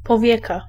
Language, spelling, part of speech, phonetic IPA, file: Polish, powieka, noun, [pɔˈvʲjɛka], Pl-powieka.ogg